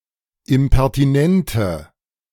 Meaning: inflection of impertinent: 1. strong/mixed nominative/accusative feminine singular 2. strong nominative/accusative plural 3. weak nominative all-gender singular
- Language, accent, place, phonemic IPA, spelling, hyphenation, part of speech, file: German, Germany, Berlin, /ɪmpɛʁtiˈnɛntə/, impertinente, im‧per‧ti‧nen‧te, adjective, De-impertinente.ogg